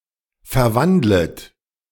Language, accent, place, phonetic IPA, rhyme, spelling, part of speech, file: German, Germany, Berlin, [fɛɐ̯ˈvandlət], -andlət, verwandlet, verb, De-verwandlet.ogg
- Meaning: second-person plural subjunctive I of verwandeln